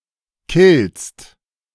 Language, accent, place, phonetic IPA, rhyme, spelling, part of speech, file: German, Germany, Berlin, [kɪlst], -ɪlst, killst, verb, De-killst.ogg
- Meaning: second-person singular present of killen